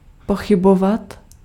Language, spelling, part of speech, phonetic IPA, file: Czech, pochybovat, verb, [ˈpoxɪbovat], Cs-pochybovat.ogg
- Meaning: to doubt